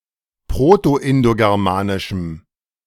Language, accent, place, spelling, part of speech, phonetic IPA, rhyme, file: German, Germany, Berlin, proto-indogermanischem, adjective, [ˌpʁotoʔɪndoɡɛʁˈmaːnɪʃm̩], -aːnɪʃm̩, De-proto-indogermanischem.ogg
- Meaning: strong dative masculine/neuter singular of proto-indogermanisch